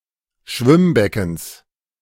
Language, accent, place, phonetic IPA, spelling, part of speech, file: German, Germany, Berlin, [ˈʃvɪmˌbɛkn̩s], Schwimmbeckens, noun, De-Schwimmbeckens.ogg
- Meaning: genitive of Schwimmbecken